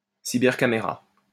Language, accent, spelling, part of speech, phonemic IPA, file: French, France, cybercaméra, noun, /si.bɛʁ.ka.me.ʁa/, LL-Q150 (fra)-cybercaméra.wav
- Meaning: webcam